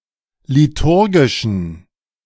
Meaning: inflection of liturgisch: 1. strong genitive masculine/neuter singular 2. weak/mixed genitive/dative all-gender singular 3. strong/weak/mixed accusative masculine singular 4. strong dative plural
- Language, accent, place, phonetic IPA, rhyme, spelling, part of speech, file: German, Germany, Berlin, [liˈtʊʁɡɪʃn̩], -ʊʁɡɪʃn̩, liturgischen, adjective, De-liturgischen.ogg